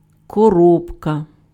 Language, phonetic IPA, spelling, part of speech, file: Ukrainian, [kɔˈrɔbkɐ], коробка, noun, Uk-коробка.ogg
- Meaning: 1. box, case (mostly made of carton) 2. gearbox